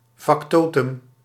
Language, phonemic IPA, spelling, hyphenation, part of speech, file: Dutch, /fɑkˈtoː.tʏm/, factotum, fac‧to‧tum, noun, Nl-factotum.ogg
- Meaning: factotum (jack-of-all-trades)